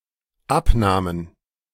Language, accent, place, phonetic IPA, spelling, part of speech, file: German, Germany, Berlin, [ˈapˌnaːmən], Abnahmen, noun, De-Abnahmen.ogg
- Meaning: plural of Abnahme